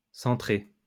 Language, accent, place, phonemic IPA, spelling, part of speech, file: French, France, Lyon, /sɑ̃.tʁe/, centré, verb / adjective, LL-Q150 (fra)-centré.wav
- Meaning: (verb) past participle of centrer; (adjective) 1. central 2. centralized